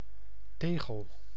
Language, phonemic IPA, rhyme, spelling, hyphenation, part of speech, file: Dutch, /ˈteː.ɣəl/, -eːɣəl, tegel, te‧gel, noun, Nl-tegel.ogg
- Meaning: tile